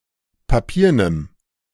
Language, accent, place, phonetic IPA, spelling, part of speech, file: German, Germany, Berlin, [paˈpiːɐ̯nəm], papiernem, adjective, De-papiernem.ogg
- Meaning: strong dative masculine/neuter singular of papieren